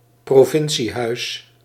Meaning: 1. the seat of a provincial government 2. a provincial, rural house
- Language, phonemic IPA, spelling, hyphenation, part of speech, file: Dutch, /proːˈvɪn.siˌɦœy̯s/, provinciehuis, pro‧vin‧cie‧huis, noun, Nl-provinciehuis.ogg